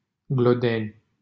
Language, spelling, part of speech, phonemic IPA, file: Romanian, Glodeni, proper noun, /ɡloˈdenʲ/, LL-Q7913 (ron)-Glodeni.wav
- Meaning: 1. a city and district of Moldova 2. a locality in Pucioasa, Dâmbovița County, Romania 3. a commune of Dâmbovița County, Romania 4. a village in Glodeni, Dâmbovița County, Romania